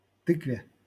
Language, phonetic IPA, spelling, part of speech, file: Russian, [ˈtɨkvʲe], тыкве, noun, LL-Q7737 (rus)-тыкве.wav
- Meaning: dative/prepositional singular of ты́ква (týkva)